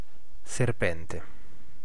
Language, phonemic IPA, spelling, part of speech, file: Italian, /serˈpɛnte/, serpente, noun, It-serpente.ogg